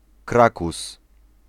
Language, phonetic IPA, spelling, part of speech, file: Polish, [ˈkrakus], krakus, noun, Pl-krakus.ogg